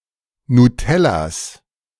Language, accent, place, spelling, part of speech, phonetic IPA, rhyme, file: German, Germany, Berlin, Nutellas, noun, [nuˈtɛlas], -ɛlas, De-Nutellas.ogg
- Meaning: genitive singular of Nutella